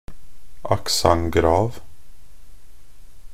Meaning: a grave accent (a diacritic mark ( ` ) used in many languages to distinguish the pronunciations of vowels.)
- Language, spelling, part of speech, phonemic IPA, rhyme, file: Norwegian Bokmål, accent grave, noun, /akˈsaŋ.ɡrɑːʋ/, -ɑːʋ, Nb-accent grave.ogg